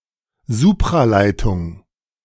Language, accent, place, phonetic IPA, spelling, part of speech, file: German, Germany, Berlin, [ˈzuːpʁaˌlaɪ̯tʊŋ], Supraleitung, noun, De-Supraleitung.ogg
- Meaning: superconductivity